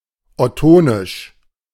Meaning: Ottonian
- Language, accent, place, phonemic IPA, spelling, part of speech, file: German, Germany, Berlin, /ɔˈtoːnɪʃ/, ottonisch, adjective, De-ottonisch.ogg